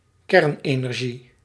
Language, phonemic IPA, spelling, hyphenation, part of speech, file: Dutch, /ˈkɛrᵊnˌenɛrˌʒi/, kernenergie, kern‧ener‧gie, noun, Nl-kernenergie.ogg
- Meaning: nuclear energy